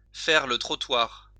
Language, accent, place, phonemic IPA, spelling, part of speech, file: French, France, Lyon, /fɛʁ lə tʁɔ.twaʁ/, faire le trottoir, verb, LL-Q150 (fra)-faire le trottoir.wav
- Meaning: to walk the streets (to prostitute oneself)